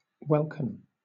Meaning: 1. The sky which appears to an observer on the Earth as a dome in which celestial bodies are visible; the firmament 2. The upper atmosphere occupied by clouds, flying birds, etc
- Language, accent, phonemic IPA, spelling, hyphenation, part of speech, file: English, Southern England, /ˈwɛlkɪn/, welkin, wel‧kin, noun, LL-Q1860 (eng)-welkin.wav